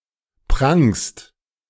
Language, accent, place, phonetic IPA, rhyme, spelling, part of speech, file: German, Germany, Berlin, [pʁaŋst], -aŋst, prangst, verb, De-prangst.ogg
- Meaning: second-person singular present of prangen